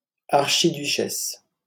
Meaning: archduchess
- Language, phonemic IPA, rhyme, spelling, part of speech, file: French, /aʁ.ʃi.dy.ʃɛs/, -ɛs, archiduchesse, noun, LL-Q150 (fra)-archiduchesse.wav